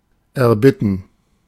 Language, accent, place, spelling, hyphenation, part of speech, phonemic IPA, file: German, Germany, Berlin, erbitten, er‧bit‧ten, verb, /ɛɐ̯ˈbɪtn̩/, De-erbitten.ogg
- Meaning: to request, to ask for